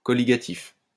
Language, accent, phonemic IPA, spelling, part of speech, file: French, France, /kɔ.li.ɡa.tif/, colligatif, adjective, LL-Q150 (fra)-colligatif.wav
- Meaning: colligative